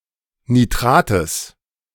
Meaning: genitive singular of Nitrat
- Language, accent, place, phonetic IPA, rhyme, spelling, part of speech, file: German, Germany, Berlin, [niˈtʁaːtəs], -aːtəs, Nitrates, noun, De-Nitrates.ogg